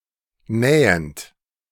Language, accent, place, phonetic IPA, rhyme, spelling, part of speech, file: German, Germany, Berlin, [ˈnɛːənt], -ɛːənt, nähend, verb, De-nähend.ogg
- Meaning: present participle of nähen